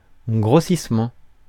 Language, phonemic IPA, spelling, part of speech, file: French, /ɡʁo.sis.mɑ̃/, grossissement, noun, Fr-grossissement.ogg
- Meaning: magnification